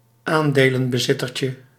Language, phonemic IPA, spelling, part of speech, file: Dutch, /ˈandelə(n)bəˌzɪtərcə/, aandelenbezittertje, noun, Nl-aandelenbezittertje.ogg
- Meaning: diminutive of aandelenbezitter